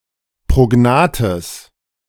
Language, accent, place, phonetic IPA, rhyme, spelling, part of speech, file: German, Germany, Berlin, [pʁoˈɡnaːtəs], -aːtəs, prognathes, adjective, De-prognathes.ogg
- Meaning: strong/mixed nominative/accusative neuter singular of prognath